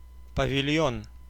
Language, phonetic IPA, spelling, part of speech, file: Russian, [pəvʲɪˈlʲjɵn], павильон, noun, Ru-павильон.ogg
- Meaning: pavilion